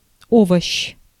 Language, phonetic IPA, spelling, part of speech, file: Russian, [ˈovəɕː], овощ, noun, Ru-овощ.ogg
- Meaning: vegetable